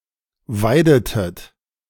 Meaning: inflection of weiden: 1. second-person plural preterite 2. second-person plural subjunctive II
- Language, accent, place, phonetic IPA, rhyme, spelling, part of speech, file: German, Germany, Berlin, [ˈvaɪ̯dətət], -aɪ̯dətət, weidetet, verb, De-weidetet.ogg